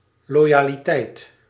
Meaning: loyalty, allegiance
- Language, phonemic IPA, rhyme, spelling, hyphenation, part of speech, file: Dutch, /ˌloː.jaː.liˈtɛi̯t/, -ɛi̯t, loyaliteit, lo‧ya‧li‧teit, noun, Nl-loyaliteit.ogg